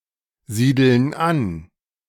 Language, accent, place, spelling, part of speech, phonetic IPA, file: German, Germany, Berlin, siedeln an, verb, [ˌziːdl̩n ˈan], De-siedeln an.ogg
- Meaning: inflection of ansiedeln: 1. first/third-person plural present 2. first/third-person plural subjunctive I